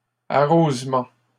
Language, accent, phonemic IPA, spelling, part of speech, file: French, Canada, /a.ʁoz.mɑ̃/, arrosement, noun, LL-Q150 (fra)-arrosement.wav
- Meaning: watering, irrigation